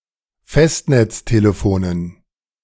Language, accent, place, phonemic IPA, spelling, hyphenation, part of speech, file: German, Germany, Berlin, /fɛstnɛt͡sˌteːləfoːnən/, Festnetztelefonen, Fest‧netz‧te‧le‧fo‧nen, noun, De-Festnetztelefonen.ogg
- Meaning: dative plural of Festnetztelefon